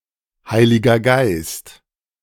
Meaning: the Holy Spirit, Holy Ghost
- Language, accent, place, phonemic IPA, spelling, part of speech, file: German, Germany, Berlin, /ˈhaɪ̯lɪɡɐ ˈɡaɪ̯st/, Heiliger Geist, proper noun, De-Heiliger Geist.ogg